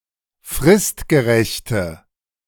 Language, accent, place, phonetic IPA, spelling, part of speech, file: German, Germany, Berlin, [ˈfʁɪstɡəˌʁɛçtə], fristgerechte, adjective, De-fristgerechte.ogg
- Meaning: inflection of fristgerecht: 1. strong/mixed nominative/accusative feminine singular 2. strong nominative/accusative plural 3. weak nominative all-gender singular